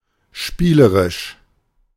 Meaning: whimsical, playful
- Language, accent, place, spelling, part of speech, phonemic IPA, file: German, Germany, Berlin, spielerisch, adjective, /ˈʃpiːləʁɪʃ/, De-spielerisch.ogg